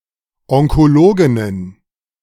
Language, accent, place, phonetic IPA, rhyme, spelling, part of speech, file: German, Germany, Berlin, [ɔŋkoˈloːɡɪnən], -oːɡɪnən, Onkologinnen, noun, De-Onkologinnen.ogg
- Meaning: plural of Onkologin